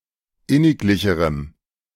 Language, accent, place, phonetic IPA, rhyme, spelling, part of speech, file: German, Germany, Berlin, [ˈɪnɪkˌlɪçəʁəm], -ɪnɪklɪçəʁəm, inniglicherem, adjective, De-inniglicherem.ogg
- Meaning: strong dative masculine/neuter singular comparative degree of inniglich